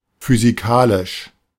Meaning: physics; physical
- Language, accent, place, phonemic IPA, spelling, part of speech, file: German, Germany, Berlin, /fyziˈkaːlɪʃ/, physikalisch, adjective, De-physikalisch.ogg